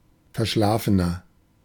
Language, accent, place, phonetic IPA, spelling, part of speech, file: German, Germany, Berlin, [fɛɐ̯ˈʃlaːfənɐ], verschlafener, adjective, De-verschlafener.ogg
- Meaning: 1. comparative degree of verschlafen 2. inflection of verschlafen: strong/mixed nominative masculine singular 3. inflection of verschlafen: strong genitive/dative feminine singular